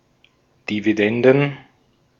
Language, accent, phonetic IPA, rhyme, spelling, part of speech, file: German, Austria, [diviˈdɛndn̩], -ɛndn̩, Dividenden, noun, De-at-Dividenden.ogg
- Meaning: plural of Dividende